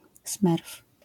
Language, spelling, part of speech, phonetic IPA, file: Polish, smerf, noun, [smɛrf], LL-Q809 (pol)-smerf.wav